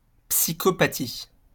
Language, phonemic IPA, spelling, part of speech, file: French, /psi.kɔ.pa.ti/, psychopathie, noun, LL-Q150 (fra)-psychopathie.wav
- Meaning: psychopathy